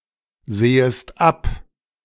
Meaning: second-person singular subjunctive I of absehen
- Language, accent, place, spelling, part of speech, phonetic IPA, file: German, Germany, Berlin, sehest ab, verb, [ˌzeːəst ˈap], De-sehest ab.ogg